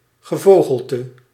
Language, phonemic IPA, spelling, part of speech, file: Dutch, /ɣəˈvoɣəltə/, gevogelte, noun, Nl-gevogelte.ogg
- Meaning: 1. Aves 2. fowl, poultry